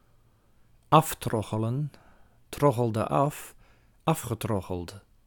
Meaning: to unfairly obtain through smooth talking, insisting, pleading etc.; to cadge
- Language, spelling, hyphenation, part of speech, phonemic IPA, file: Dutch, aftroggelen, af‧trog‧ge‧len, verb, /ˈɑfˌtrɔɣələ(n)/, Nl-aftroggelen.ogg